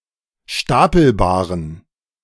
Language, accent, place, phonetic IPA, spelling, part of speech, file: German, Germany, Berlin, [ˈʃtapl̩baːʁən], stapelbaren, adjective, De-stapelbaren.ogg
- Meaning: inflection of stapelbar: 1. strong genitive masculine/neuter singular 2. weak/mixed genitive/dative all-gender singular 3. strong/weak/mixed accusative masculine singular 4. strong dative plural